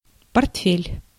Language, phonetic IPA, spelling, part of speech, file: Russian, [pɐrtˈfʲelʲ], портфель, noun, Ru-портфель.ogg
- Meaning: 1. briefcase 2. portfolio